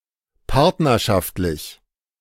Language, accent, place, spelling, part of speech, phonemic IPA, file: German, Germany, Berlin, partnerschaftlich, adjective, /ˈpaʁtnɐʃaftlɪç/, De-partnerschaftlich.ogg
- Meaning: as partners, in partnership, based on partnership, on a joint basis